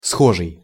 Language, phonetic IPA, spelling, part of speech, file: Russian, [ˈsxoʐɨj], схожий, adjective, Ru-схожий.ogg
- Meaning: similar